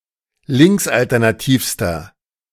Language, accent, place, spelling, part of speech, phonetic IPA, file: German, Germany, Berlin, linksalternativster, adjective, [ˈlɪŋksʔaltɛʁnaˌtiːfstɐ], De-linksalternativster.ogg
- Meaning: inflection of linksalternativ: 1. strong/mixed nominative masculine singular superlative degree 2. strong genitive/dative feminine singular superlative degree